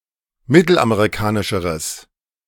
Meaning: strong/mixed nominative/accusative neuter singular comparative degree of mittelamerikanisch
- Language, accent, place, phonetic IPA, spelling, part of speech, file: German, Germany, Berlin, [ˈmɪtl̩ʔameʁiˌkaːnɪʃəʁəs], mittelamerikanischeres, adjective, De-mittelamerikanischeres.ogg